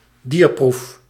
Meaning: an animal test
- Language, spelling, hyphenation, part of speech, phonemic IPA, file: Dutch, dierproef, dier‧proef, noun, /ˈdiːr.pruf/, Nl-dierproef.ogg